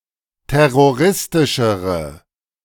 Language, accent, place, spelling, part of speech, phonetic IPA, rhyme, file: German, Germany, Berlin, terroristischere, adjective, [ˌtɛʁoˈʁɪstɪʃəʁə], -ɪstɪʃəʁə, De-terroristischere.ogg
- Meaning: inflection of terroristisch: 1. strong/mixed nominative/accusative feminine singular comparative degree 2. strong nominative/accusative plural comparative degree